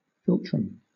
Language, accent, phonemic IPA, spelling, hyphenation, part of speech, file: English, Southern England, /ˈfɪl.tɹəm/, philtrum, phil‧trum, noun, LL-Q1860 (eng)-philtrum.wav
- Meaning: 1. The shallow vertical groove running from the nasal septum to the center of the upper lip 2. The junction between the two halves of an animal's upper lip or nose